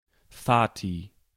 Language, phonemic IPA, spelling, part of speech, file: German, /ˈfaːti/, Vati, noun, De-Vati.ogg
- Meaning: dad